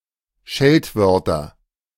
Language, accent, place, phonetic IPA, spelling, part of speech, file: German, Germany, Berlin, [ˈʃɛltˌvœʁtɐ], Scheltwörter, noun, De-Scheltwörter.ogg
- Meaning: nominative/accusative/genitive plural of Scheltwort